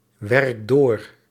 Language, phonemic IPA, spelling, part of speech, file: Dutch, /ˈwɛrᵊk ˈdor/, werk door, verb, Nl-werk door.ogg
- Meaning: inflection of doorwerken: 1. first-person singular present indicative 2. second-person singular present indicative 3. imperative